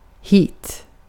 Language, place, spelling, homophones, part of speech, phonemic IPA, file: Swedish, Gotland, hit, heat, adverb, /hiːt/, Sv-hit.ogg
- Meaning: to here, hither, (often in practice, in translations) here